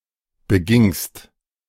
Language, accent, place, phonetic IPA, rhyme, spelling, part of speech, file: German, Germany, Berlin, [bəˈɡɪŋst], -ɪŋst, begingst, verb, De-begingst.ogg
- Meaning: second-person singular preterite of begehen